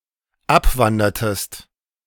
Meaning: inflection of abwandern: 1. second-person singular dependent preterite 2. second-person singular dependent subjunctive II
- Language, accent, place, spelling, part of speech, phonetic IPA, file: German, Germany, Berlin, abwandertest, verb, [ˈapˌvandɐtəst], De-abwandertest.ogg